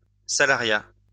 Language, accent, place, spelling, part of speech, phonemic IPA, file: French, France, Lyon, salariat, noun, /sa.la.ʁja/, LL-Q150 (fra)-salariat.wav
- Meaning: salariat